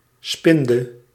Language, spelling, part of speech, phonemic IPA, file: Dutch, spinde, noun / verb, /spɪndɘ/, Nl-spinde.ogg
- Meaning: inflection of spinnen: 1. singular past indicative 2. singular past subjunctive